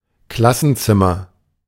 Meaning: classroom
- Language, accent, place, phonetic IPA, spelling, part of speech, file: German, Germany, Berlin, [ˈklasn̩ˌt͡sɪmɐ], Klassenzimmer, noun, De-Klassenzimmer.ogg